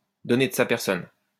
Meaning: to give of oneself, not to spare oneself, to go out of one's way to help others
- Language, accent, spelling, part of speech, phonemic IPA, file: French, France, donner de sa personne, verb, /dɔ.ne d(ə) sa pɛʁ.sɔn/, LL-Q150 (fra)-donner de sa personne.wav